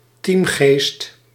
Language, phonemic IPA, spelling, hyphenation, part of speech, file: Dutch, /ˈtiːm.ɣeːst/, teamgeest, team‧geest, noun, Nl-teamgeest.ogg
- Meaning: team spirit